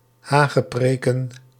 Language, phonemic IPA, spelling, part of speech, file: Dutch, /ˈhaɣəˌprekə(n)/, hagepreken, noun, Nl-hagepreken.ogg
- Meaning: plural of hagepreek